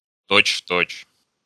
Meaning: 1. exactly, spot on, right to a T 2. word for word
- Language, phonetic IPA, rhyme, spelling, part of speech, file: Russian, [ˌtot͡ɕ ˈf‿tot͡ɕ], -ot͡ɕ, точь-в-точь, adverb, Ru-точь-в-точь.ogg